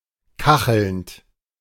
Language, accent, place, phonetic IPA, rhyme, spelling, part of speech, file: German, Germany, Berlin, [ˈkaxl̩nt], -axl̩nt, kachelnd, verb, De-kachelnd.ogg
- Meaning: present participle of kacheln